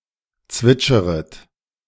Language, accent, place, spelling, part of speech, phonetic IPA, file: German, Germany, Berlin, zwitscheret, verb, [ˈt͡svɪt͡ʃəʁət], De-zwitscheret.ogg
- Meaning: second-person plural subjunctive I of zwitschern